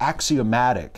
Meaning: 1. Self-evident or unquestionable 2. Relating to or containing axioms
- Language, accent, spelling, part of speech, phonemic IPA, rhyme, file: English, US, axiomatic, adjective, /ˌæk.si.əˈmæt.ɪk/, -ætɪk, En-us-axiomatic.ogg